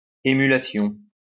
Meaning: 1. rivalry, competition 2. emulation
- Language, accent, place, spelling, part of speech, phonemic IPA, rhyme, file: French, France, Lyon, émulation, noun, /e.my.la.sjɔ̃/, -ɔ̃, LL-Q150 (fra)-émulation.wav